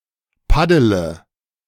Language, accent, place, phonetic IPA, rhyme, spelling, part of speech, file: German, Germany, Berlin, [ˈpadələ], -adələ, paddele, verb, De-paddele.ogg
- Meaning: inflection of paddeln: 1. first-person singular present 2. first/third-person singular subjunctive I 3. singular imperative